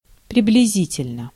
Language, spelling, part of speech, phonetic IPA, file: Russian, приблизительно, adverb / adjective, [prʲɪblʲɪˈzʲitʲɪlʲnə], Ru-приблизительно.ogg
- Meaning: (adverb) approximate, approximately, roughly; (adjective) short neuter singular of приблизи́тельный (priblizítelʹnyj)